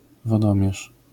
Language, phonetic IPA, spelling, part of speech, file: Polish, [vɔˈdɔ̃mʲjɛʃ], wodomierz, noun, LL-Q809 (pol)-wodomierz.wav